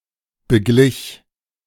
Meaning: first/third-person singular preterite of begleichen
- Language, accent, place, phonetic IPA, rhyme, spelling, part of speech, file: German, Germany, Berlin, [bəˈɡlɪç], -ɪç, beglich, verb, De-beglich.ogg